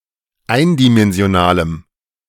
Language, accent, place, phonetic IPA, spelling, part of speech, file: German, Germany, Berlin, [ˈaɪ̯ndimɛnzi̯oˌnaːləm], eindimensionalem, adjective, De-eindimensionalem.ogg
- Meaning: strong dative masculine/neuter singular of eindimensional